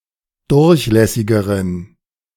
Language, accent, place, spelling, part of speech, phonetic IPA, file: German, Germany, Berlin, durchlässigeren, adjective, [ˈdʊʁçˌlɛsɪɡəʁən], De-durchlässigeren.ogg
- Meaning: inflection of durchlässig: 1. strong genitive masculine/neuter singular comparative degree 2. weak/mixed genitive/dative all-gender singular comparative degree